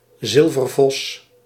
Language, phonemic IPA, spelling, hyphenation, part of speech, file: Dutch, /ˈzɪl.vərˌvɔs/, zilvervos, zil‧ver‧vos, noun, Nl-zilvervos.ogg
- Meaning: silver fox, colour variation of Vulpes vulpes